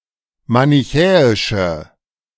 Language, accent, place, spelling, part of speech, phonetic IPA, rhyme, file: German, Germany, Berlin, manichäische, adjective, [manɪˈçɛːɪʃə], -ɛːɪʃə, De-manichäische.ogg
- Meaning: inflection of manichäisch: 1. strong/mixed nominative/accusative feminine singular 2. strong nominative/accusative plural 3. weak nominative all-gender singular